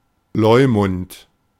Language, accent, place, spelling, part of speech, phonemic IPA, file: German, Germany, Berlin, Leumund, noun, /ˈlɔʏ̯mʊnt/, De-Leumund.ogg
- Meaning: reputation; reports about someone; opinions about someone